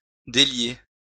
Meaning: to untie, loosen, release
- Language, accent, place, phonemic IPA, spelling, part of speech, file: French, France, Lyon, /de.lje/, délier, verb, LL-Q150 (fra)-délier.wav